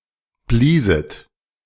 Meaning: second-person plural subjunctive II of blasen
- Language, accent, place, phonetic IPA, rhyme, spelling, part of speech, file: German, Germany, Berlin, [ˈbliːzət], -iːzət, blieset, verb, De-blieset.ogg